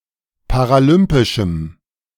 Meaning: strong dative masculine/neuter singular of paralympisch
- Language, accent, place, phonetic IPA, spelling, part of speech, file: German, Germany, Berlin, [paʁaˈlʏmpɪʃm̩], paralympischem, adjective, De-paralympischem.ogg